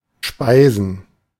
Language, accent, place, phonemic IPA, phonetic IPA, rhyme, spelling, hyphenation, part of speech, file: German, Germany, Berlin, /ˈʃpaɪ̯zən/, [ˈʃpaɪ̯.zn̩], -aɪ̯zn̩, speisen, spei‧sen, verb, De-speisen.ogg
- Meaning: 1. to dine, to eat in a cultured (typically upscale) setting (otherwise humorous) 2. to eat (something delicious and/or expensive)